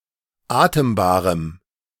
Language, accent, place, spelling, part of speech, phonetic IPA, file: German, Germany, Berlin, atembarem, adjective, [ˈaːtəmbaːʁəm], De-atembarem.ogg
- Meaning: strong dative masculine/neuter singular of atembar